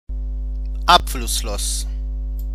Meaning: undrained (having no discharge)
- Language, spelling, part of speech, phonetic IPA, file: German, abflusslos, adjective, [ˈapflʊsˌloːs], De-abflusslos.ogg